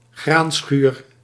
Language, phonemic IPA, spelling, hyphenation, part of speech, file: Dutch, /ˈɣraːn.sxyːr/, graanschuur, graan‧schuur, noun, Nl-graanschuur.ogg
- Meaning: 1. granary (storage barn for grain) 2. breadbasket, food bowl (region producing large quantities of grain)